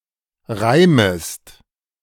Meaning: second-person singular subjunctive I of reimen
- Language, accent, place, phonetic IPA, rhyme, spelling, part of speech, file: German, Germany, Berlin, [ˈʁaɪ̯məst], -aɪ̯məst, reimest, verb, De-reimest.ogg